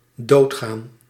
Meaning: to die
- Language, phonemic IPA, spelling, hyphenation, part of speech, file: Dutch, /ˈdoːtɣaːn/, doodgaan, dood‧gaan, verb, Nl-doodgaan.ogg